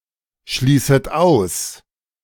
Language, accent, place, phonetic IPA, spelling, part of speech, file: German, Germany, Berlin, [ˌʃliːsət ˈaʊ̯s], schließet aus, verb, De-schließet aus.ogg
- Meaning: second-person plural subjunctive I of ausschließen